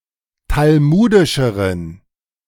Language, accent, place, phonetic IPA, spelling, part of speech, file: German, Germany, Berlin, [talˈmuːdɪʃəʁən], talmudischeren, adjective, De-talmudischeren.ogg
- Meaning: inflection of talmudisch: 1. strong genitive masculine/neuter singular comparative degree 2. weak/mixed genitive/dative all-gender singular comparative degree